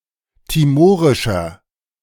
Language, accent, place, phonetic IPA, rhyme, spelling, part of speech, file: German, Germany, Berlin, [tiˈmoːʁɪʃɐ], -oːʁɪʃɐ, timorischer, adjective, De-timorischer.ogg
- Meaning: inflection of timorisch: 1. strong/mixed nominative masculine singular 2. strong genitive/dative feminine singular 3. strong genitive plural